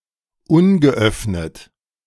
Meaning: unopened
- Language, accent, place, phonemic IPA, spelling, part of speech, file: German, Germany, Berlin, /ˈʊnɡəˌʔœfnət/, ungeöffnet, adjective, De-ungeöffnet.ogg